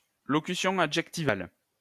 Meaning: adjective phrase
- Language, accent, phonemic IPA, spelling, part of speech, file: French, France, /lɔ.ky.sjɔ̃ a.dʒɛk.ti.val/, locution adjectivale, noun, LL-Q150 (fra)-locution adjectivale.wav